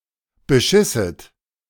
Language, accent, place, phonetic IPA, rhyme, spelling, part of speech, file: German, Germany, Berlin, [bəˈʃɪsət], -ɪsət, beschisset, verb, De-beschisset.ogg
- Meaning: second-person plural subjunctive II of bescheißen